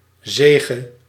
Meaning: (noun) victory, triumph; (verb) singular past subjunctive of zijgen
- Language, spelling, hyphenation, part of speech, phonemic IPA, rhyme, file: Dutch, zege, ze‧ge, noun / verb, /ˈzeː.ɣə/, -eːɣə, Nl-zege.ogg